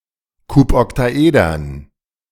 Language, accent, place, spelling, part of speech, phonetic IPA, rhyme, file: German, Germany, Berlin, Kuboktaedern, noun, [ˌkupɔktaˈʔeːdɐn], -eːdɐn, De-Kuboktaedern.ogg
- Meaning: dative plural of Kuboktaeder